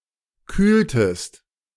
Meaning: inflection of kühlen: 1. second-person singular preterite 2. second-person singular subjunctive II
- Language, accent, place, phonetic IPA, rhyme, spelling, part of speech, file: German, Germany, Berlin, [ˈkyːltəst], -yːltəst, kühltest, verb, De-kühltest.ogg